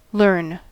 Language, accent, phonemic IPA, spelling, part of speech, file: English, US, /lɝn/, learn, verb / noun, En-us-learn.ogg
- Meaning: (verb) 1. To acquire, or attempt to acquire knowledge or an ability to do something 2. To attend a course or other educational activity 3. To gain knowledge from a bad experience so as to improve